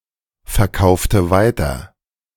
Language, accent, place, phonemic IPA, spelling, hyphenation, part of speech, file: German, Germany, Berlin, /fɛɐ̯ˌkaʊ̯ftə ˈvaɪ̯tɐ/, verkaufte weiter, ver‧kau‧fte wei‧ter, verb, De-verkaufte weiter.ogg
- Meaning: inflection of weiterverkaufen: 1. first/third-person singular preterite 2. first/third-person singular subjunctive II